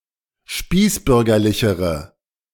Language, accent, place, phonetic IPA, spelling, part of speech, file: German, Germany, Berlin, [ˈʃpiːsˌbʏʁɡɐlɪçəʁə], spießbürgerlichere, adjective, De-spießbürgerlichere.ogg
- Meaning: inflection of spießbürgerlich: 1. strong/mixed nominative/accusative feminine singular comparative degree 2. strong nominative/accusative plural comparative degree